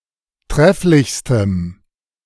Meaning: strong dative masculine/neuter singular superlative degree of trefflich
- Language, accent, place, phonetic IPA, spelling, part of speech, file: German, Germany, Berlin, [ˈtʁɛflɪçstəm], trefflichstem, adjective, De-trefflichstem.ogg